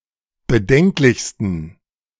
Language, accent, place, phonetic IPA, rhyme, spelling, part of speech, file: German, Germany, Berlin, [bəˈdɛŋklɪçstn̩], -ɛŋklɪçstn̩, bedenklichsten, adjective, De-bedenklichsten.ogg
- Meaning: 1. superlative degree of bedenklich 2. inflection of bedenklich: strong genitive masculine/neuter singular superlative degree